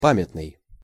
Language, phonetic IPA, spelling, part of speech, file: Russian, [ˈpamʲɪtnɨj], памятный, adjective, Ru-памятный.ogg
- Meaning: memorable